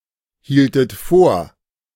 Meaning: inflection of vorhalten: 1. second-person plural preterite 2. second-person plural subjunctive II
- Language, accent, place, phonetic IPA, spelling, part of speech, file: German, Germany, Berlin, [ˌhiːltət ˈfoːɐ̯], hieltet vor, verb, De-hieltet vor.ogg